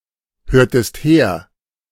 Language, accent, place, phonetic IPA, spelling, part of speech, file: German, Germany, Berlin, [ˌhøːɐ̯təst ˈheːɐ̯], hörtest her, verb, De-hörtest her.ogg
- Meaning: inflection of herhören: 1. second-person singular preterite 2. second-person singular subjunctive II